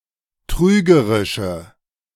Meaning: inflection of trügerisch: 1. strong/mixed nominative/accusative feminine singular 2. strong nominative/accusative plural 3. weak nominative all-gender singular
- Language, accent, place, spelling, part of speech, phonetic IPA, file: German, Germany, Berlin, trügerische, adjective, [ˈtʁyːɡəʁɪʃə], De-trügerische.ogg